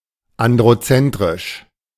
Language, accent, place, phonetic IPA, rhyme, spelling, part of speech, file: German, Germany, Berlin, [ˌandʁoˈt͡sɛntʁɪʃ], -ɛntʁɪʃ, androzentrisch, adjective, De-androzentrisch.ogg
- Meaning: androcentric